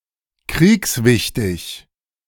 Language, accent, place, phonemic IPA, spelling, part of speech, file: German, Germany, Berlin, /ˈkʁiːksˌvɪçtɪç/, kriegswichtig, adjective, De-kriegswichtig.ogg
- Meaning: of strategic importance